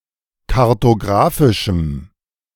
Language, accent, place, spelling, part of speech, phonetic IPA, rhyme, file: German, Germany, Berlin, kartographischem, adjective, [kaʁtoˈɡʁaːfɪʃm̩], -aːfɪʃm̩, De-kartographischem.ogg
- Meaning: strong dative masculine/neuter singular of kartographisch